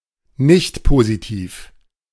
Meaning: nonpositive
- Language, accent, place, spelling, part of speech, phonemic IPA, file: German, Germany, Berlin, nichtpositiv, adjective, /ˈnɪçtpoziˌtiːf/, De-nichtpositiv.ogg